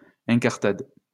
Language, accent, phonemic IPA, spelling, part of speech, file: French, France, /ɛ̃.kaʁ.tad/, incartade, noun, LL-Q150 (fra)-incartade.wav
- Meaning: prank, escapade